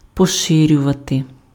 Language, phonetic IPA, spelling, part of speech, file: Ukrainian, [pɔˈʃɪrʲʊʋɐte], поширювати, verb, Uk-поширювати.ogg
- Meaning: 1. to widen, to broaden, to expand 2. to extend (:influence) 3. to spread, to disseminate